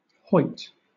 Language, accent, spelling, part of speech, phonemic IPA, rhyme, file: English, Southern England, hoit, verb, /ˈhɔɪt/, -ɔɪt, LL-Q1860 (eng)-hoit.wav
- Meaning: 1. To behave frivolously and thoughtlessly; to play the fool 2. To romp noisily; to caper, to leap 3. Pronunciation spelling of hurt